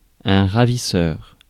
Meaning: 1. robber 2. kidnapper, abductor
- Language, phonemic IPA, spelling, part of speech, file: French, /ʁa.vi.sœʁ/, ravisseur, noun, Fr-ravisseur.ogg